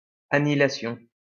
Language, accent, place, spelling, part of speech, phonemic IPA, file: French, France, Lyon, annihilation, noun, /a.ni.i.la.sjɔ̃/, LL-Q150 (fra)-annihilation.wav
- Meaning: annihilation